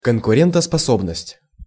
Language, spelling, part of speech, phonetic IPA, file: Russian, конкурентоспособность, noun, [kənkʊrʲɪntəspɐˈsobnəsʲtʲ], Ru-конкурентоспособность.ogg
- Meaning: competitiveness